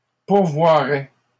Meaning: first/second-person singular conditional of pourvoir
- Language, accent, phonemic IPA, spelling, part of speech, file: French, Canada, /puʁ.vwa.ʁɛ/, pourvoirais, verb, LL-Q150 (fra)-pourvoirais.wav